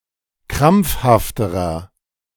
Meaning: inflection of krampfhaft: 1. strong/mixed nominative masculine singular comparative degree 2. strong genitive/dative feminine singular comparative degree 3. strong genitive plural comparative degree
- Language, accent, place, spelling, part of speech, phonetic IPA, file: German, Germany, Berlin, krampfhafterer, adjective, [ˈkʁamp͡fhaftəʁɐ], De-krampfhafterer.ogg